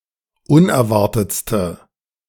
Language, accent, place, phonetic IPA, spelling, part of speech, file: German, Germany, Berlin, [ˈʊnɛɐ̯ˌvaʁtət͡stə], unerwartetste, adjective, De-unerwartetste.ogg
- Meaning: inflection of unerwartet: 1. strong/mixed nominative/accusative feminine singular superlative degree 2. strong nominative/accusative plural superlative degree